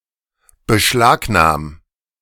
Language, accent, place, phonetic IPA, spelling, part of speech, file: German, Germany, Berlin, [bəˈʃlaːkˌnaːm], beschlagnahm, verb, De-beschlagnahm.ogg
- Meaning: 1. singular imperative of beschlagnahmen 2. first-person singular present of beschlagnahmen